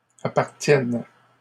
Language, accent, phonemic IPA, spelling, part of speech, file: French, Canada, /a.paʁ.tjɛn/, appartiennent, verb, LL-Q150 (fra)-appartiennent.wav
- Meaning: third-person plural present indicative/subjunctive of appartenir